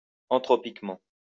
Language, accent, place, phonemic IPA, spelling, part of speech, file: French, France, Lyon, /ɑ̃.tʁɔ.pik.mɑ̃/, anthropiquement, adverb, LL-Q150 (fra)-anthropiquement.wav
- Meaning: anthropically